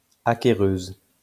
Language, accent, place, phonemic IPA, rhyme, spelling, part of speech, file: French, France, Lyon, /a.ke.ʁøz/, -øz, acquéreuse, noun, LL-Q150 (fra)-acquéreuse.wav
- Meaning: female equivalent of acquéreur